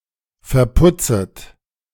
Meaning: second-person plural subjunctive I of verputzen
- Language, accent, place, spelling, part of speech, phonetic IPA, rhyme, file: German, Germany, Berlin, verputzet, verb, [fɛɐ̯ˈpʊt͡sət], -ʊt͡sət, De-verputzet.ogg